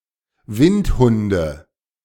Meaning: nominative/accusative/genitive plural of Windhund
- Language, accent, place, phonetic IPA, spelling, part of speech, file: German, Germany, Berlin, [ˈvɪntˌhʊndə], Windhunde, noun, De-Windhunde.ogg